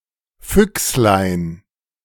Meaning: diminutive of Fuchs
- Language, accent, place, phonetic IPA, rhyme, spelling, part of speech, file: German, Germany, Berlin, [ˈfʏkslaɪ̯n], -ʏkslaɪ̯n, Füchslein, noun, De-Füchslein.ogg